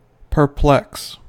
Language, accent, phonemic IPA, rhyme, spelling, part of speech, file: English, US, /pɚˈplɛks/, -ɛks, perplex, verb / adjective / noun, En-us-perplex.ogg
- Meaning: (verb) 1. To cause to feel baffled; to puzzle 2. To involve; to entangle; to make intricate or complicated 3. To plague; to vex; to torment; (adjective) intricate; difficult; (noun) A difficulty